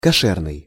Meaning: kosher
- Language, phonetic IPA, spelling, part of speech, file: Russian, [kɐˈʂɛrnɨj], кошерный, adjective, Ru-кошерный.ogg